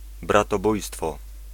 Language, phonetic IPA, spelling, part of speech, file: Polish, [ˌbratɔˈbujstfɔ], bratobójstwo, noun, Pl-bratobójstwo.ogg